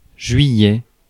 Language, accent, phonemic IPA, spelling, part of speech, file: French, France, /ʒɥi.jɛ/, juillet, noun, Fr-juillet.ogg
- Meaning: July